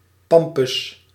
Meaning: 1. A shallow waterway in the IJmeer near Amsterdam, Netherlands 2. An artificial island constructed on a shoal near the waterway in the IJmeer, Netherlands
- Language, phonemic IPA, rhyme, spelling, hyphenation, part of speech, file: Dutch, /ˈpɑm.pʏs/, -ɑmpʏs, Pampus, Pam‧pus, proper noun, Nl-Pampus.ogg